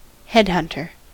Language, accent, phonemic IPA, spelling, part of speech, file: English, US, /ˈhɛdˌhʌntɚ/, headhunter, noun, En-us-headhunter.ogg
- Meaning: 1. A person who practises headhunting, the taking and preserving of a person's head after killing them 2. One who recruits skilled personnel, especially executive-level ones, for a company